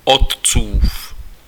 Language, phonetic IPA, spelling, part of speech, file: Czech, [ˈott͡suːf], otcův, adjective, Cs-otcův.ogg
- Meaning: possessive of otec: father's